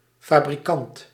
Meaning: manufacturer
- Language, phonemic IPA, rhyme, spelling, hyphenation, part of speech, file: Dutch, /faː.briˈkɑnt/, -ɑnt, fabrikant, fa‧bri‧kant, noun, Nl-fabrikant.ogg